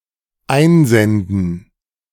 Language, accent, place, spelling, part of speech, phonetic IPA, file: German, Germany, Berlin, einsenden, verb, [ˈaɪ̯nˌzɛndn̩], De-einsenden.ogg
- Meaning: to send in, submit